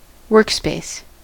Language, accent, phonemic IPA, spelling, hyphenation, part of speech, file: English, US, /ˈwɝkˌspeɪs/, workspace, work‧space, noun, En-us-workspace.ogg
- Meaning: 1. An area allocated for someone to work in, especially in an office 2. A file (or system of files) in which related software and data can be manipulated or developed in isolation from others